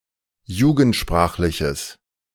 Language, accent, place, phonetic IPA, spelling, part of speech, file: German, Germany, Berlin, [ˈjuːɡn̩tˌʃpʁaːxlɪçəs], jugendsprachliches, adjective, De-jugendsprachliches.ogg
- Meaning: strong/mixed nominative/accusative neuter singular of jugendsprachlich